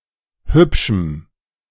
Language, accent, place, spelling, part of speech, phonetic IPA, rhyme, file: German, Germany, Berlin, hübschem, adjective, [ˈhʏpʃm̩], -ʏpʃm̩, De-hübschem.ogg
- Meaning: strong dative masculine/neuter singular of hübsch